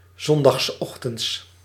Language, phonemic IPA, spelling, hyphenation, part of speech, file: Dutch, /ˌzɔn.dɑxsˈɔx.tənts/, zondagsochtends, zon‧dags‧och‧tends, adverb, Nl-zondagsochtends.ogg
- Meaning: Sunday morning